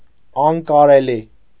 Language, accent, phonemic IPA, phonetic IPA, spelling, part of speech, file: Armenian, Eastern Armenian, /ɑnkɑɾeˈli/, [ɑŋkɑɾelí], անկարելի, adjective, Hy-անկարելի.ogg
- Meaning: impossible